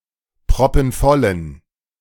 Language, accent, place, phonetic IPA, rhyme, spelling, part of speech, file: German, Germany, Berlin, [pʁɔpn̩ˈfɔlən], -ɔlən, proppenvollen, adjective, De-proppenvollen.ogg
- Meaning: inflection of proppenvoll: 1. strong genitive masculine/neuter singular 2. weak/mixed genitive/dative all-gender singular 3. strong/weak/mixed accusative masculine singular 4. strong dative plural